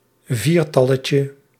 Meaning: diminutive of viertal
- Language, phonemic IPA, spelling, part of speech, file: Dutch, /ˈvirtɑləcə/, viertalletje, noun, Nl-viertalletje.ogg